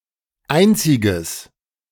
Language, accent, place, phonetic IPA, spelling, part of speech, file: German, Germany, Berlin, [ˈaɪ̯nt͡sɪɡəs], einziges, adjective, De-einziges.ogg
- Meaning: strong/mixed nominative/accusative neuter singular of einzig